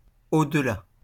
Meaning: beyond
- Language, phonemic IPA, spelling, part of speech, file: French, /də.la/, delà, preposition, LL-Q150 (fra)-delà.wav